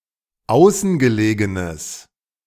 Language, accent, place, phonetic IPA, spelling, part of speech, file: German, Germany, Berlin, [ˈaʊ̯sn̩ɡəˌleːɡənəs], außengelegenes, adjective, De-außengelegenes.ogg
- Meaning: strong/mixed nominative/accusative neuter singular of außengelegen